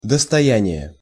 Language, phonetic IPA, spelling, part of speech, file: Russian, [dəstɐˈjænʲɪje], достояние, noun, Ru-достояние.ogg
- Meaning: 1. property, possessions 2. asset, heritage, treasure